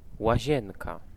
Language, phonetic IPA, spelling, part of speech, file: Polish, [waˈʑɛ̃nka], łazienka, noun, Pl-łazienka.ogg